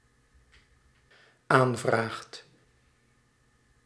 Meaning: second/third-person singular dependent-clause present indicative of aanvragen
- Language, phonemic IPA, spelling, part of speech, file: Dutch, /ˈaɱvraxt/, aanvraagt, verb, Nl-aanvraagt.ogg